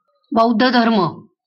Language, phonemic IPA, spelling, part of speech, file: Marathi, /bəud̪.d̪ʱə.d̪ʱəɾ.mə/, बौद्ध धर्म, noun, LL-Q1571 (mar)-बौद्ध धर्म.wav
- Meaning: Buddhism